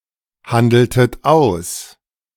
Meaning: inflection of aushandeln: 1. second-person plural preterite 2. second-person plural subjunctive II
- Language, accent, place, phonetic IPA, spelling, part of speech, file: German, Germany, Berlin, [ˌhandl̩tət ˈaʊ̯s], handeltet aus, verb, De-handeltet aus.ogg